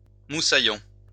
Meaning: cabin boy, ship's boy
- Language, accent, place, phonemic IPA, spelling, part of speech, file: French, France, Lyon, /mu.sa.jɔ̃/, moussaillon, noun, LL-Q150 (fra)-moussaillon.wav